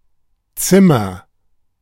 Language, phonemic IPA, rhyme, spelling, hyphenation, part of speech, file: German, /ˈt͡sɪmɐ/, -ɪmɐ, Zimmer, Zim‧mer, noun / proper noun, De-Zimmer.oga
- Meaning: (noun) 1. room (separate part of a building, enclosed by walls, a floor and a ceiling) 2. timber; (proper noun) a surname